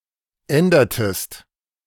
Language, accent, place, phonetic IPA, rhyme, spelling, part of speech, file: German, Germany, Berlin, [ˈɛndɐtəst], -ɛndɐtəst, ändertest, verb, De-ändertest.ogg
- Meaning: inflection of ändern: 1. second-person singular preterite 2. second-person singular subjunctive II